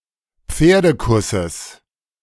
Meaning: genitive singular of Pferdekuss
- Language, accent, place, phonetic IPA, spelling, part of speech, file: German, Germany, Berlin, [ˈp͡feːɐ̯dəˌkʊsəs], Pferdekusses, noun, De-Pferdekusses.ogg